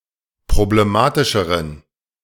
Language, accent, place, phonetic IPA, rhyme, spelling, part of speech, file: German, Germany, Berlin, [pʁobleˈmaːtɪʃəʁən], -aːtɪʃəʁən, problematischeren, adjective, De-problematischeren.ogg
- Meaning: inflection of problematisch: 1. strong genitive masculine/neuter singular comparative degree 2. weak/mixed genitive/dative all-gender singular comparative degree